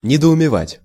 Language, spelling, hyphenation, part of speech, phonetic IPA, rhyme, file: Russian, недоумевать, не‧до‧уме‧вать, verb, [nʲɪdəʊmʲɪˈvatʲ], -atʲ, Ru-недоумевать.ogg
- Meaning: to be at a loss, to be bewildered, to be perplexed